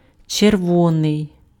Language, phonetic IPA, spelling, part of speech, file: Ukrainian, [t͡ʃerˈwɔnei̯], червоний, adjective, Uk-червоний.ogg
- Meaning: 1. red 2. color red 3. red, communist, revolutionary 4. chervonets